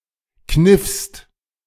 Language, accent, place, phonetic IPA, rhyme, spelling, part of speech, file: German, Germany, Berlin, [knɪfst], -ɪfst, kniffst, verb, De-kniffst.ogg
- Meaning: second-person singular preterite of kneifen